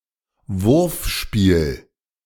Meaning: throwing game
- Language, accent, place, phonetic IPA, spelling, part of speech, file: German, Germany, Berlin, [ˈvʊʁfˌʃpiːl], Wurfspiel, noun, De-Wurfspiel.ogg